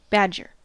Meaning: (noun) 1. Any member of species of the genera Meles, Arctonyx, Mellivora or Taxidea, of mammals 2. A native or resident of the American state, Wisconsin 3. A brush made of badger hair
- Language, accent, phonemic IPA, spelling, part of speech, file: English, US, /ˈbæd͡ʒɚ/, badger, noun / verb, En-us-badger.ogg